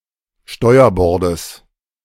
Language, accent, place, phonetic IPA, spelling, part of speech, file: German, Germany, Berlin, [ˈʃtɔɪ̯ɐˌbɔʁdəs], Steuerbordes, noun, De-Steuerbordes.ogg
- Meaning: genitive singular of Steuerbord